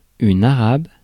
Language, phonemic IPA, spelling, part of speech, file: French, /a.ʁab/, arabe, adjective / noun, Fr-arabe.ogg
- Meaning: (adjective) Arabic; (noun) Arabic (language)